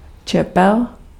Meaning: blade (sharp-edged or pointed working end of a tool or utensil)
- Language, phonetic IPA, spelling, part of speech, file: Czech, [ˈt͡ʃɛpɛl], čepel, noun, Cs-čepel.ogg